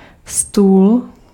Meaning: table (item of furniture)
- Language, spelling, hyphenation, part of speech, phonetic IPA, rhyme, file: Czech, stůl, stůl, noun, [ˈstuːl], -uːl, Cs-stůl.ogg